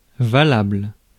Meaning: valid, acceptable
- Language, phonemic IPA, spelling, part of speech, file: French, /va.labl/, valable, adjective, Fr-valable.ogg